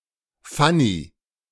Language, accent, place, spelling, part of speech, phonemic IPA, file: German, Germany, Berlin, Fanny, proper noun, /ˈfani/, De-Fanny.ogg
- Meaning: a female given name from English, equivalent to English Fanny